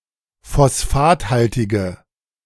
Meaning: inflection of phosphathaltig: 1. strong/mixed nominative/accusative feminine singular 2. strong nominative/accusative plural 3. weak nominative all-gender singular
- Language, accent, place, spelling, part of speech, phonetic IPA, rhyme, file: German, Germany, Berlin, phosphathaltige, adjective, [fɔsˈfaːtˌhaltɪɡə], -aːthaltɪɡə, De-phosphathaltige.ogg